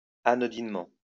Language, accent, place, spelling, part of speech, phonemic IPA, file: French, France, Lyon, anodinement, adverb, /a.nɔ.din.mɑ̃/, LL-Q150 (fra)-anodinement.wav
- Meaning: 1. anodynely 2. trivially